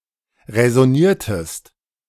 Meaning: inflection of räsonieren: 1. second-person singular preterite 2. second-person singular subjunctive II
- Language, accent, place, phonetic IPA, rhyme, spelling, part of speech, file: German, Germany, Berlin, [ʁɛzɔˈniːɐ̯təst], -iːɐ̯təst, räsoniertest, verb, De-räsoniertest.ogg